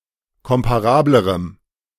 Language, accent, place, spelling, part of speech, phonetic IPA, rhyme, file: German, Germany, Berlin, komparablerem, adjective, [ˌkɔmpaˈʁaːbləʁəm], -aːbləʁəm, De-komparablerem.ogg
- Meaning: strong dative masculine/neuter singular comparative degree of komparabel